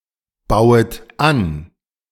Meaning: second-person plural subjunctive I of anbauen
- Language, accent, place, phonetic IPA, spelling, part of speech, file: German, Germany, Berlin, [ˌbaʊ̯ət ˈan], bauet an, verb, De-bauet an.ogg